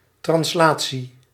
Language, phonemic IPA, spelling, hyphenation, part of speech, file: Dutch, /trɑnsˈlaː.(t)si/, translatie, trans‧la‧tie, noun, Nl-translatie.ogg
- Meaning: 1. translation (motion without deformation or rotation) 2. translation (conversion of text from one language to another) 3. moving from one place to another